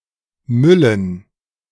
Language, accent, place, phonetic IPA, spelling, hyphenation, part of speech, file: German, Germany, Berlin, [mʏln̩], müllen, mül‧len, verb, De-müllen.ogg
- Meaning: 1. to make garbage 2. to throw away garbage